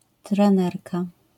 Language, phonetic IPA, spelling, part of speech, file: Polish, [trɛ̃ˈnɛrka], trenerka, noun, LL-Q809 (pol)-trenerka.wav